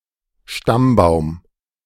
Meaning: family tree
- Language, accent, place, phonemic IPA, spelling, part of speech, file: German, Germany, Berlin, /ˈʃtambaʊ̯m/, Stammbaum, noun, De-Stammbaum.ogg